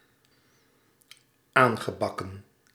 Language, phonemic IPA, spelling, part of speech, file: Dutch, /ˈaŋɣəˌbɑkə(n)/, aangebakken, verb, Nl-aangebakken.ogg
- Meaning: past participle of aanbakken